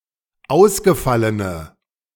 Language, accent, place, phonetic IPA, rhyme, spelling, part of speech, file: German, Germany, Berlin, [ˈaʊ̯sɡəˌfalənə], -aʊ̯sɡəfalənə, ausgefallene, adjective, De-ausgefallene.ogg
- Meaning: inflection of ausgefallen: 1. strong/mixed nominative/accusative feminine singular 2. strong nominative/accusative plural 3. weak nominative all-gender singular